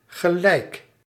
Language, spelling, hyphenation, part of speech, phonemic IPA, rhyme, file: Dutch, gelijk, ge‧lijk, adjective / adverb / conjunction / noun / verb, /ɣəˈlɛi̯k/, -ɛi̯k, Nl-gelijk.ogg
- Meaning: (adjective) 1. equal, like, alike 2. equal, equivalent; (adverb) immediately, at once; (conjunction) 1. like, such as 2. as, just like, just as, the way that; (noun) 1. right, justice 2. correctness